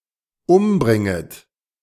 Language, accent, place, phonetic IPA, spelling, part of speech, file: German, Germany, Berlin, [ˈʊmˌbʁɪŋət], umbringet, verb, De-umbringet.ogg
- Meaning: second-person plural dependent subjunctive I of umbringen